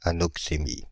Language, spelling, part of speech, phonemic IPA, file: French, anoxémie, noun, /a.nɔk.se.mi/, Fr-anoxémie.ogg
- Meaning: anoxemia